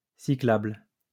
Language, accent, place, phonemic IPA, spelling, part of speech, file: French, France, Lyon, /si.klabl/, cyclable, adjective, LL-Q150 (fra)-cyclable.wav
- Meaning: bicycle